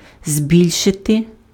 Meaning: 1. to increase, to augment 2. to enlarge, to magnify
- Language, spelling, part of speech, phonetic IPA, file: Ukrainian, збільшити, verb, [ˈzʲbʲilʲʃete], Uk-збільшити.ogg